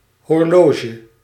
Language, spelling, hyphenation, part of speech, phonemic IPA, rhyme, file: Dutch, horloge, hor‧lo‧ge, noun, /ɦɔrˈloː.ʒə/, -oːʒə, Nl-horloge.ogg
- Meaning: 1. watch (wearable timepiece) 2. any timepiece (watch or clock)